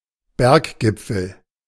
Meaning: mountain peak, mountaintop, summit of a mountain
- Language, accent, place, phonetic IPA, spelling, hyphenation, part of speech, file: German, Germany, Berlin, [ˈbɛʁkˌɡɪp͡fl̩], Berggipfel, Berg‧gip‧fel, noun, De-Berggipfel.ogg